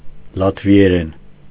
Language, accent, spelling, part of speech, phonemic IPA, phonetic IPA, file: Armenian, Eastern Armenian, լատվիերեն, noun / adverb / adjective, /lɑtvieˈɾen/, [lɑtvi(j)eɾén], Hy-լատվիերեն.ogg
- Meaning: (noun) synonym of լատիշերեն (latišeren)